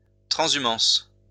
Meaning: transhumance (seasonal movement of people and grazing animals)
- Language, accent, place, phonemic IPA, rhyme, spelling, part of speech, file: French, France, Lyon, /tʁɑ̃.zy.mɑ̃s/, -ɑ̃s, transhumance, noun, LL-Q150 (fra)-transhumance.wav